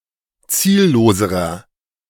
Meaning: inflection of ziellos: 1. strong/mixed nominative masculine singular comparative degree 2. strong genitive/dative feminine singular comparative degree 3. strong genitive plural comparative degree
- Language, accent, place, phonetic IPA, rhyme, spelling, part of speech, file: German, Germany, Berlin, [ˈt͡siːlloːzəʁɐ], -iːlloːzəʁɐ, zielloserer, adjective, De-zielloserer.ogg